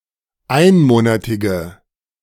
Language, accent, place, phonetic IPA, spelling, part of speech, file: German, Germany, Berlin, [ˈaɪ̯nˌmoːnatɪɡə], einmonatige, adjective, De-einmonatige.ogg
- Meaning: inflection of einmonatig: 1. strong/mixed nominative/accusative feminine singular 2. strong nominative/accusative plural 3. weak nominative all-gender singular